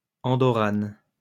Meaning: female equivalent of Andorran
- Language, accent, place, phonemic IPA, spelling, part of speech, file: French, France, Lyon, /ɑ̃.dɔ.ʁan/, Andorrane, noun, LL-Q150 (fra)-Andorrane.wav